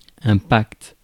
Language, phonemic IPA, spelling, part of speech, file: French, /pakt/, pacte, noun, Fr-pacte.ogg
- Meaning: pact, deal